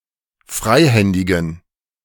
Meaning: inflection of freihändig: 1. strong genitive masculine/neuter singular 2. weak/mixed genitive/dative all-gender singular 3. strong/weak/mixed accusative masculine singular 4. strong dative plural
- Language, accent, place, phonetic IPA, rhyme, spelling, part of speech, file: German, Germany, Berlin, [ˈfʁaɪ̯ˌhɛndɪɡn̩], -aɪ̯hɛndɪɡn̩, freihändigen, adjective, De-freihändigen.ogg